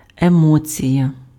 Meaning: emotion
- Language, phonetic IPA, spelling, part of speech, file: Ukrainian, [eˈmɔt͡sʲijɐ], емоція, noun, Uk-емоція.ogg